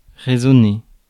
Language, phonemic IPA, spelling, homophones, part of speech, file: French, /ʁe.zɔ.ne/, résonner, raisonner, verb, Fr-résonner.ogg
- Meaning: 1. to resonate (to vibrate or sound, especially in response to another vibration) 2. to ring out, to resound